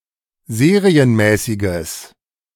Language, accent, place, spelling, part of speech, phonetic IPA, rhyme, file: German, Germany, Berlin, serienmäßiges, adjective, [ˈzeːʁiənˌmɛːsɪɡəs], -eːʁiənmɛːsɪɡəs, De-serienmäßiges.ogg
- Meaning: strong/mixed nominative/accusative neuter singular of serienmäßig